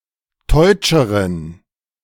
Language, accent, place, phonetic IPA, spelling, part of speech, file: German, Germany, Berlin, [ˈtɔɪ̯t͡ʃəʁən], teutscheren, adjective, De-teutscheren.ogg
- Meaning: inflection of teutsch: 1. strong genitive masculine/neuter singular comparative degree 2. weak/mixed genitive/dative all-gender singular comparative degree